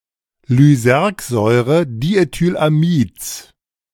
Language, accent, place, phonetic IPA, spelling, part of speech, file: German, Germany, Berlin, [lyˈzɛʁkzɔɪ̯ʁədietyːlaˌmiːt͡s], Lysergsäurediethylamids, noun, De-Lysergsäurediethylamids.ogg
- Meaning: genitive singular of Lysergsäurediethylamid